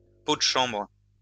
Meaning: chamber pot
- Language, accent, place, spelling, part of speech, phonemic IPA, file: French, France, Lyon, pot de chambre, noun, /po d(ə) ʃɑ̃bʁ/, LL-Q150 (fra)-pot de chambre.wav